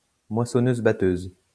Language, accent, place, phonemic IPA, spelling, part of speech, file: French, France, Lyon, /mwa.sɔ.nøz.ba.tøz/, moissonneuse-batteuse, noun, LL-Q150 (fra)-moissonneuse-batteuse.wav
- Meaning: combine harvester (farming machine)